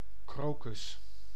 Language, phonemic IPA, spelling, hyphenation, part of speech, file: Dutch, /ˈkroː.kʏs/, krokus, kro‧kus, noun, Nl-krokus.ogg
- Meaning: crocus (bulb plant of genus Crocus)